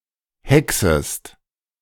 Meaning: second-person singular subjunctive I of hexen
- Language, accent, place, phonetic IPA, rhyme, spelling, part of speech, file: German, Germany, Berlin, [ˈhɛksəst], -ɛksəst, hexest, verb, De-hexest.ogg